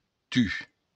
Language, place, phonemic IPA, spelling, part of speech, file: Occitan, Béarn, /ty/, tu, pronoun, LL-Q14185 (oci)-tu.wav
- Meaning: you (singular)